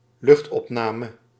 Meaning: aerial record (video or photography), aerial photography or aerial film
- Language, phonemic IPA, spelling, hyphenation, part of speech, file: Dutch, /ˈlʏxt.ɔpˌnaː.mə/, luchtopname, lucht‧op‧na‧me, noun, Nl-luchtopname.ogg